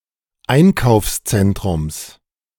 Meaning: genitive singular of Einkaufszentrum
- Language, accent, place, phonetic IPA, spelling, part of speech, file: German, Germany, Berlin, [ˈaɪ̯nkaʊ̯fsˌt͡sɛntʁʊms], Einkaufszentrums, noun, De-Einkaufszentrums.ogg